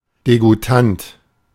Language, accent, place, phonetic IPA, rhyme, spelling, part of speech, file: German, Germany, Berlin, [deɡuˈtant], -ant, degoutant, adjective, De-degoutant.ogg
- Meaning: disgusting